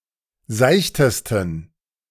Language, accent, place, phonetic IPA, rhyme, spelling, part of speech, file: German, Germany, Berlin, [ˈzaɪ̯çtəstn̩], -aɪ̯çtəstn̩, seichtesten, adjective, De-seichtesten.ogg
- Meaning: 1. superlative degree of seicht 2. inflection of seicht: strong genitive masculine/neuter singular superlative degree